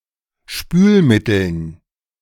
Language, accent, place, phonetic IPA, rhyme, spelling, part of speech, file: German, Germany, Berlin, [ˈʃpyːlˌmɪtl̩n], -yːlmɪtl̩n, Spülmitteln, noun, De-Spülmitteln.ogg
- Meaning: dative plural of Spülmittel